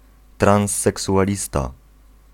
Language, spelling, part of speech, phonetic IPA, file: Polish, transseksualista, noun, [ˌtrãw̃sːɛksuʷaˈlʲista], Pl-transseksualista.ogg